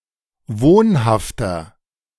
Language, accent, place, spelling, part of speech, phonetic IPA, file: German, Germany, Berlin, wohnhafter, adjective, [ˈvoːnhaftɐ], De-wohnhafter.ogg
- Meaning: inflection of wohnhaft: 1. strong/mixed nominative masculine singular 2. strong genitive/dative feminine singular 3. strong genitive plural